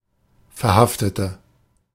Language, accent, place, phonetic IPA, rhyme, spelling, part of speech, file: German, Germany, Berlin, [fɛɐ̯ˈhaftətə], -aftətə, verhaftete, adjective / verb, De-verhaftete.ogg
- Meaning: inflection of verhaften: 1. first/third-person singular preterite 2. first/third-person singular subjunctive II